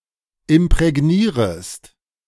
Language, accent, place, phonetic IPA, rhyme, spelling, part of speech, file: German, Germany, Berlin, [ɪmpʁɛˈɡniːʁəst], -iːʁəst, imprägnierest, verb, De-imprägnierest.ogg
- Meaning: second-person singular subjunctive I of imprägnieren